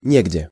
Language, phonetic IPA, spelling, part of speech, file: Russian, [ˈnʲeɡdʲe], негде, adjective / adverb, Ru-негде.ogg
- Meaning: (adjective) there is no place; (adverb) somewhere